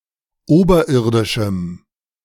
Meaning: strong dative masculine/neuter singular of oberirdisch
- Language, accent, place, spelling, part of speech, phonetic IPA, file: German, Germany, Berlin, oberirdischem, adjective, [ˈoːbɐˌʔɪʁdɪʃm̩], De-oberirdischem.ogg